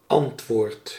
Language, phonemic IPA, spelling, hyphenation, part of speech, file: Dutch, /ˈɑntʋoːrt/, antwoord, ant‧woord, noun / verb, Nl-antwoord.ogg
- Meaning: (noun) answer, reply; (verb) inflection of antwoorden: 1. first-person singular present indicative 2. second-person singular present indicative 3. imperative